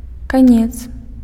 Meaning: end
- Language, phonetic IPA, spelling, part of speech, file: Belarusian, [kaˈnʲet͡s], канец, noun, Be-канец.ogg